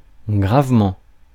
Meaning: seriously, badly
- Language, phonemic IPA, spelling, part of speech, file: French, /ɡʁav.mɑ̃/, gravement, adverb, Fr-gravement.ogg